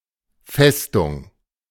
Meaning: fortress, fortification
- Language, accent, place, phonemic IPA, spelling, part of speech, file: German, Germany, Berlin, /ˈfɛstʊŋ/, Festung, noun, De-Festung.ogg